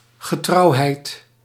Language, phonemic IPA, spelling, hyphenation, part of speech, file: Dutch, /ɣəˈtrɑu̯.ɦɛi̯t/, getrouwheid, ge‧trouw‧heid, noun, Nl-getrouwheid.ogg
- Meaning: faithfulness, loyalty